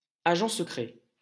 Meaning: secret agent
- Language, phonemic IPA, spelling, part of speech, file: French, /a.ʒɑ̃ sə.kʁɛ/, agent secret, noun, LL-Q150 (fra)-agent secret.wav